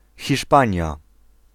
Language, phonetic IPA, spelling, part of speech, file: Polish, [xʲiʃˈpãɲja], Hiszpania, proper noun, Pl-Hiszpania.ogg